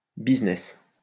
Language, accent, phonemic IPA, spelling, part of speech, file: French, France, /biz.nɛs/, business, noun, LL-Q150 (fra)-business.wav
- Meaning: 1. business, firm, company 2. business, affairs